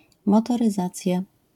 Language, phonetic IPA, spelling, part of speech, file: Polish, [ˌmɔtɔrɨˈzat͡sʲja], motoryzacja, noun, LL-Q809 (pol)-motoryzacja.wav